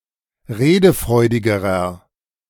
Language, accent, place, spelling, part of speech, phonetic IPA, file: German, Germany, Berlin, redefreudigerer, adjective, [ˈʁeːdəˌfʁɔɪ̯dɪɡəʁɐ], De-redefreudigerer.ogg
- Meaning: inflection of redefreudig: 1. strong/mixed nominative masculine singular comparative degree 2. strong genitive/dative feminine singular comparative degree 3. strong genitive plural comparative degree